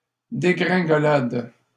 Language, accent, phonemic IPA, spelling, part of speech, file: French, Canada, /de.ɡʁɛ̃.ɡɔ.lad/, dégringolade, noun, LL-Q150 (fra)-dégringolade.wav
- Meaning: fall, tumble; collapse